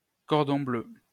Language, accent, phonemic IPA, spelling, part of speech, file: French, France, /kɔʁ.dɔ̃ blø/, cordon bleu, noun, LL-Q150 (fra)-cordon bleu.wav
- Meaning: 1. blue ribbon 2. cordon bleu (skilfull chef) 3. cordon bleu (schnitzel)